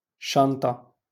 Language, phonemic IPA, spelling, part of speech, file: Moroccan Arabic, /ʃan.tˤa/, شنطة, noun, LL-Q56426 (ary)-شنطة.wav
- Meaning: 1. bag 2. backpack